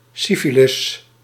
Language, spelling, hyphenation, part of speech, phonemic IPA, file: Dutch, syfilis, sy‧fi‧lis, noun, /ˈsi.fi.lɪs/, Nl-syfilis.ogg
- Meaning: syphilis